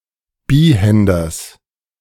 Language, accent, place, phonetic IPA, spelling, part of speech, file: German, Germany, Berlin, [ˈbiːˌhɛndɐs], Bihänders, noun, De-Bihänders.ogg
- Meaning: genitive singular of Bihänder